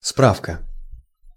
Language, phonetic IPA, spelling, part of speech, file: Russian, [ˈsprafkə], справка, noun, Ru-справка.ogg
- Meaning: 1. certificate (confirming something), note, statement, reference 2. enquiry/inquiry, consulting, looking up (a seeking of information)